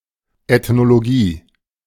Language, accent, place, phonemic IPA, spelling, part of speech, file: German, Germany, Berlin, /ɛtnoloˈɡiː/, Ethnologie, noun, De-Ethnologie.ogg
- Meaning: ethnology (branch of anthropology)